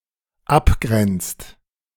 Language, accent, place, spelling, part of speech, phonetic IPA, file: German, Germany, Berlin, abgrenzt, verb, [ˈapˌɡʁɛnt͡st], De-abgrenzt.ogg
- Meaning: inflection of abgrenzen: 1. second/third-person singular dependent present 2. second-person plural dependent present